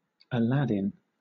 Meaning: 1. Alternative form of Alauddin 2. Alternative form of Alaeddin
- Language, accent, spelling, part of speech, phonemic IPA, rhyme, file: English, Southern England, Aladdin, proper noun, /əˈlædɪn/, -ædɪn, LL-Q1860 (eng)-Aladdin.wav